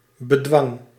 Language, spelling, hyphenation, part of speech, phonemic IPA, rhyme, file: Dutch, bedwang, be‧dwang, noun, /bəˈdʋɑŋ/, -ɑŋ, Nl-bedwang.ogg
- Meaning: constraint, check, control